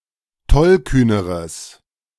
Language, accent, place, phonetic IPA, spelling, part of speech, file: German, Germany, Berlin, [ˈtɔlˌkyːnəʁəs], tollkühneres, adjective, De-tollkühneres.ogg
- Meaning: strong/mixed nominative/accusative neuter singular comparative degree of tollkühn